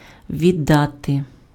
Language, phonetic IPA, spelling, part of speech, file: Ukrainian, [ˈʋʲidɐte], відати, verb, Uk-відати.ogg
- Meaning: 1. to know 2. to deal, to manage